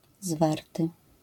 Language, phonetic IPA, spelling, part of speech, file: Polish, [ˈzvartɨ], zwarty, adjective, LL-Q809 (pol)-zwarty.wav